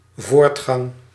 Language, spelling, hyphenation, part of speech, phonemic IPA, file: Dutch, voortgang, voort‧gang, noun, /ˈvoːrt.xɑŋ/, Nl-voortgang.ogg
- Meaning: progress, progression (toward a goal)